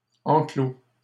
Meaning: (noun) enclosure, paddock; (verb) past participle of enclore
- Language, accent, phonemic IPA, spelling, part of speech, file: French, Canada, /ɑ̃.klo/, enclos, noun / verb, LL-Q150 (fra)-enclos.wav